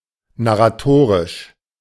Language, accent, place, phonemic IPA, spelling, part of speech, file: German, Germany, Berlin, /naʁaˈtoːʁɪʃ/, narratorisch, adjective, De-narratorisch.ogg
- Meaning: narratorial